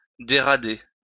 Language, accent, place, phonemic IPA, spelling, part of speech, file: French, France, Lyon, /de.ʁa.de/, dérader, verb, LL-Q150 (fra)-dérader.wav
- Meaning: to be driven from the anchors and forced out to sea